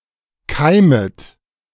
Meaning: second-person plural subjunctive I of keimen
- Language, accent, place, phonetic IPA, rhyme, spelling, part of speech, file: German, Germany, Berlin, [ˈkaɪ̯mət], -aɪ̯mət, keimet, verb, De-keimet.ogg